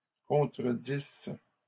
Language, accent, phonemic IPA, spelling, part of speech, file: French, Canada, /kɔ̃.tʁə.dis/, contredisses, verb, LL-Q150 (fra)-contredisses.wav
- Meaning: second-person singular imperfect subjunctive of contredire